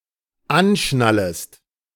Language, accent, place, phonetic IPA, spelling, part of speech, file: German, Germany, Berlin, [ˈanˌʃnaləst], anschnallest, verb, De-anschnallest.ogg
- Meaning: second-person singular dependent subjunctive I of anschnallen